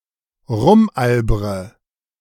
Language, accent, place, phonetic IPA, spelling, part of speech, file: German, Germany, Berlin, [ˈʁʊmˌʔalbʁə], rumalbre, verb, De-rumalbre.ogg
- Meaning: inflection of rumalbern: 1. first-person singular present 2. first/third-person singular subjunctive I 3. singular imperative